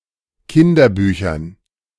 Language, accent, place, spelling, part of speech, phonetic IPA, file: German, Germany, Berlin, Kinderbüchern, noun, [ˈkɪndɐˌbyːçɐn], De-Kinderbüchern.ogg
- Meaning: dative plural of Kinderbuch